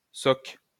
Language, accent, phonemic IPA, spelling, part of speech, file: French, France, /sɔk/, soc, noun, LL-Q150 (fra)-soc.wav
- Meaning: 1. plowshare 2. Boston butt